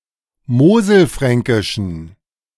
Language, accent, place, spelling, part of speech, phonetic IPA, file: German, Germany, Berlin, moselfränkischen, adjective, [ˈmoːzl̩ˌfʁɛŋkɪʃn̩], De-moselfränkischen.ogg
- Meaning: inflection of moselfränkisch: 1. strong genitive masculine/neuter singular 2. weak/mixed genitive/dative all-gender singular 3. strong/weak/mixed accusative masculine singular 4. strong dative plural